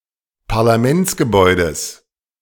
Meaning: genitive singular of Parlamentsgebäude
- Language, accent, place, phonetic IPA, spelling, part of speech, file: German, Germany, Berlin, [paʁlaˈmɛnt͡sɡəˌbɔɪ̯dəs], Parlamentsgebäudes, noun, De-Parlamentsgebäudes.ogg